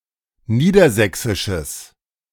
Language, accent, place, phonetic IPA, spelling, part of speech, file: German, Germany, Berlin, [ˈniːdɐˌzɛksɪʃəs], niedersächsisches, adjective, De-niedersächsisches.ogg
- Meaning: strong/mixed nominative/accusative neuter singular of niedersächsisch